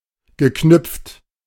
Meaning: past participle of knüpfen
- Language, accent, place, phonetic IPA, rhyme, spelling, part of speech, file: German, Germany, Berlin, [ɡəˈknʏp͡ft], -ʏp͡ft, geknüpft, verb, De-geknüpft.ogg